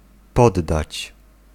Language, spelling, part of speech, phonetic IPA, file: Polish, poddać, verb, [ˈpɔdːat͡ɕ], Pl-poddać.ogg